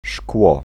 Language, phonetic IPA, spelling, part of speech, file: Polish, [ʃkwɔ], szkło, noun, Pl-szkło.ogg